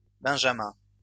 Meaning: plural of benjamin
- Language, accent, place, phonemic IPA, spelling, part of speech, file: French, France, Lyon, /bɛ̃.ʒa.mɛ̃/, benjamins, noun, LL-Q150 (fra)-benjamins.wav